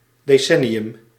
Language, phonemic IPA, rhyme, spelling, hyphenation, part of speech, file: Dutch, /ˌdeːˈsɛ.ni.ʏm/, -ɛniʏm, decennium, de‧cen‧ni‧um, noun, Nl-decennium.ogg
- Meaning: a decade, a period of ten years